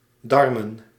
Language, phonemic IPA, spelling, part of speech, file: Dutch, /ˈdɑrmə(n)/, darmen, noun, Nl-darmen.ogg
- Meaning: plural of darm